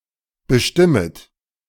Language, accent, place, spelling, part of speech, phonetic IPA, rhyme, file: German, Germany, Berlin, bestimmet, verb, [bəˈʃtɪmət], -ɪmət, De-bestimmet.ogg
- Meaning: second-person plural subjunctive I of bestimmen